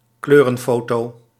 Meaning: a colour photo
- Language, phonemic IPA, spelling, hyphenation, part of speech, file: Dutch, /ˈkløː.rə(n)ˌfoː.toː/, kleurenfoto, kleu‧ren‧fo‧to, noun, Nl-kleurenfoto.ogg